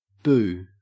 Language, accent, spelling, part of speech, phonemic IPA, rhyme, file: English, Australia, boo, interjection / noun / verb, /buː/, -uː, En-au-boo.ogg
- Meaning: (interjection) A loud exclamation intended to scare someone. Usually used when one has been hidden from the target, and then appears unexpectedly